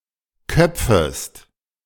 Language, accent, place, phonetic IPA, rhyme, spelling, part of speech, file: German, Germany, Berlin, [ˈkœp͡fəst], -œp͡fəst, köpfest, verb, De-köpfest.ogg
- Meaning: second-person singular subjunctive I of köpfen